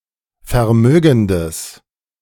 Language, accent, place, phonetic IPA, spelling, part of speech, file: German, Germany, Berlin, [fɛɐ̯ˈmøːɡn̩dəs], vermögendes, adjective, De-vermögendes.ogg
- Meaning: strong/mixed nominative/accusative neuter singular of vermögend